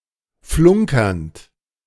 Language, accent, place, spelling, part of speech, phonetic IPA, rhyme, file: German, Germany, Berlin, flunkernd, verb, [ˈflʊŋkɐnt], -ʊŋkɐnt, De-flunkernd.ogg
- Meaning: present participle of flunkern